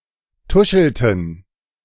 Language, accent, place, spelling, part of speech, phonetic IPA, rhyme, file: German, Germany, Berlin, tuschelten, verb, [ˈtʊʃl̩tn̩], -ʊʃl̩tn̩, De-tuschelten.ogg
- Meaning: inflection of tuscheln: 1. first/third-person plural preterite 2. first/third-person plural subjunctive II